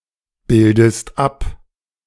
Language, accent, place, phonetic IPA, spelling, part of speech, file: German, Germany, Berlin, [ˌbɪldəst ˈap], bildest ab, verb, De-bildest ab.ogg
- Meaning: inflection of abbilden: 1. second-person singular present 2. second-person singular subjunctive I